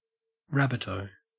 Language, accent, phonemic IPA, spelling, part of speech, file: English, Australia, /ˈɹæbədoʊ/, rabbit-o, noun, En-au-rabbit-o.ogg
- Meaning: Someone who sells rabbits for food, especially an itinerant salesman